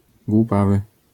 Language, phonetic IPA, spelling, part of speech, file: Polish, [ɡwuˈpavɨ], głupawy, adjective, LL-Q809 (pol)-głupawy.wav